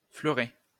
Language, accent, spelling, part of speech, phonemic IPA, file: French, France, fleuret, noun, /flœ.ʁɛ/, LL-Q150 (fra)-fleuret.wav
- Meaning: 1. foil (weapon) 2. filoselle 3. a drill or borer to penetrate the base of some construction